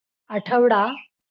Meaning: a week
- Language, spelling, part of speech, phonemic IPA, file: Marathi, आठवडा, noun, /a.ʈʰəʋ.ɖa/, LL-Q1571 (mar)-आठवडा.wav